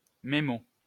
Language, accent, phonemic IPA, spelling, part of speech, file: French, France, /me.mo/, mémo, noun, LL-Q150 (fra)-mémo.wav
- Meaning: memo